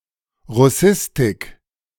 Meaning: Russian studies (academic discipline)
- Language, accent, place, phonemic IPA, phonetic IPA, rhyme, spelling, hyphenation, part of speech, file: German, Germany, Berlin, /ʁʊˈsɪstɪk/, [ʁʊˈsɪstɪkʰ], -ɪstɪk, Russistik, Rus‧sis‧tik, noun, De-Russistik.ogg